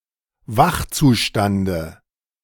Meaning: dative of Wachzustand
- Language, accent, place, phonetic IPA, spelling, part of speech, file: German, Germany, Berlin, [ˈvaxt͡suˌʃtandə], Wachzustande, noun, De-Wachzustande.ogg